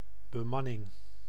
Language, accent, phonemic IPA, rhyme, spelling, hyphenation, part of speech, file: Dutch, Netherlands, /bəˈmɑ.nɪŋ/, -ɑnɪŋ, bemanning, be‧man‧ning, noun, Nl-bemanning.ogg
- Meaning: crew (group of people manning and operating a vehicle, piece of equipment or more rarely a facility)